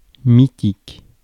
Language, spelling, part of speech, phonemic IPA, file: French, mythique, adjective, /mi.tik/, Fr-mythique.ogg
- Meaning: mythic, mythical